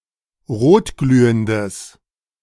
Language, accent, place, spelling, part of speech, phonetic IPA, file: German, Germany, Berlin, rotglühendes, adjective, [ˈʁoːtˌɡlyːəndəs], De-rotglühendes.ogg
- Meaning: strong/mixed nominative/accusative neuter singular of rotglühend